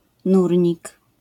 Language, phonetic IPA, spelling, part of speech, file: Polish, [ˈnurʲɲik], nurnik, noun, LL-Q809 (pol)-nurnik.wav